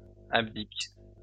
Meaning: third-person plural present indicative/subjunctive of abdiquer
- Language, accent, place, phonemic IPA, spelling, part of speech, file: French, France, Lyon, /ab.dik/, abdiquent, verb, LL-Q150 (fra)-abdiquent.wav